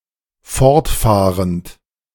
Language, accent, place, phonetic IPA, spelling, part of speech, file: German, Germany, Berlin, [ˈfɔʁtˌfaːʁənt], fortfahrend, verb, De-fortfahrend.ogg
- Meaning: present participle of fortfahren